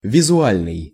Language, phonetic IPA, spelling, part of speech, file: Russian, [vʲɪzʊˈalʲnɨj], визуальный, adjective, Ru-визуальный.ogg
- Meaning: visual